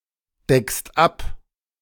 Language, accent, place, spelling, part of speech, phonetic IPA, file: German, Germany, Berlin, deckst ab, verb, [ˌdɛkst ˈap], De-deckst ab.ogg
- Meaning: second-person singular present of abdecken